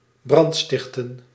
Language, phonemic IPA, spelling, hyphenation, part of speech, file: Dutch, /ˈbrɑntˌstɪxtə(n)/, brandstichten, brand‧stich‧ten, verb, Nl-brandstichten.ogg
- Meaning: to start a fire, to set fire to something, to commit arson